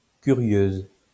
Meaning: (noun) female equivalent of curieux; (adjective) feminine singular of curieux
- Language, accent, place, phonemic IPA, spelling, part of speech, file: French, France, Lyon, /ky.ʁjøz/, curieuse, noun / adjective, LL-Q150 (fra)-curieuse.wav